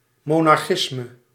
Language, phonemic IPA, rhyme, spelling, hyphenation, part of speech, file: Dutch, /ˌmoː.nɑrˈxɪs.mə/, -ɪsmə, monarchisme, mo‧nar‧chis‧me, noun, Nl-monarchisme.ogg
- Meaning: monarchism